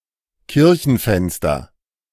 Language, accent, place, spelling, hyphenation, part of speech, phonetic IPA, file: German, Germany, Berlin, Kirchenfenster, Kir‧chen‧fens‧ter, noun, [ˈkɪʁçn̩ˌfɛnstɐ], De-Kirchenfenster.ogg
- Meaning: church window, stained glass window